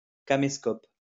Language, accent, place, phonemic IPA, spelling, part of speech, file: French, France, Lyon, /ka.me.skɔp/, caméscope, noun, LL-Q150 (fra)-caméscope.wav
- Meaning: a camcorder